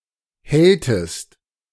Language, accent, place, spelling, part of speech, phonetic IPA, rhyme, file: German, Germany, Berlin, helltest, verb, [ˈhɛltəst], -ɛltəst, De-helltest.ogg
- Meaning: inflection of hellen: 1. second-person singular preterite 2. second-person singular subjunctive II